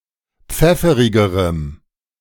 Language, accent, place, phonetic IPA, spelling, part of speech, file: German, Germany, Berlin, [ˈp͡fɛfəʁɪɡəʁəm], pfefferigerem, adjective, De-pfefferigerem.ogg
- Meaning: strong dative masculine/neuter singular comparative degree of pfefferig